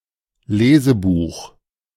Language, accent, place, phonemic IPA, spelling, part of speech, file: German, Germany, Berlin, /ˈleːzəbuːx/, Lesebuch, noun, De-Lesebuch.ogg
- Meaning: primer, reader